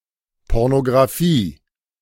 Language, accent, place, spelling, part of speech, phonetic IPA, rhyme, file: German, Germany, Berlin, Pornographie, noun, [ˌpɔʁnoɡʁaˈfiː], -iː, De-Pornographie.ogg
- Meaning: alternative form of Pornografie